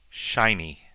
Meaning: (adjective) 1. Reflecting light 2. Emitting light 3. Excellent; remarkable 4. Bright; luminous; clear; unclouded; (noun) 1. Anything that glitters; a trinket 2. A desirable collectible 3. A deskworker
- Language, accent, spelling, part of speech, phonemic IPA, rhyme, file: English, US, shiny, adjective / noun, /ˈʃaɪ.ni/, -aɪni, En-us-shiny.ogg